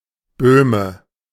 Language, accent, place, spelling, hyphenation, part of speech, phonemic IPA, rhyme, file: German, Germany, Berlin, Böhme, Böh‧me, noun / proper noun, /ˈbøːmə/, -øːmə, De-Böhme.ogg
- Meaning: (noun) Bohemian (native or inhabitant of Bohemia); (proper noun) a common surname originating as an ethnonym